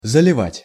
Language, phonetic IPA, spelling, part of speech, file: Russian, [zəlʲɪˈvatʲ], заливать, verb, Ru-заливать.ogg
- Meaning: 1. to flood (in terms of bodies of water) 2. to fill up (with liquid) 3. to pour on, to spill 4. to lie, tell lies 5. to upload, to put up